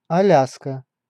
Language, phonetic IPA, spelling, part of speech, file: Russian, [ɐˈlʲaskə], Аляска, proper noun, Ru-Аляска.ogg
- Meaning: Alaska (a state of the United States, formerly a territory)